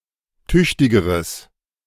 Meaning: strong/mixed nominative/accusative neuter singular comparative degree of tüchtig
- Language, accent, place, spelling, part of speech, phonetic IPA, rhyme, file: German, Germany, Berlin, tüchtigeres, adjective, [ˈtʏçtɪɡəʁəs], -ʏçtɪɡəʁəs, De-tüchtigeres.ogg